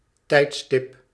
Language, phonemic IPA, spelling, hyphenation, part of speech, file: Dutch, /ˈtɛi̯tˌstɪp/, tijdstip, tijd‧stip, noun, Nl-tijdstip.ogg
- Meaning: moment in time, point in time, time of day